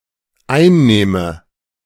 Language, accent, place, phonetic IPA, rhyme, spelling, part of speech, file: German, Germany, Berlin, [ˈaɪ̯nˌneːmə], -aɪ̯nneːmə, einnehme, verb, De-einnehme.ogg
- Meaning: inflection of einnehmen: 1. first-person singular dependent present 2. first/third-person singular dependent subjunctive I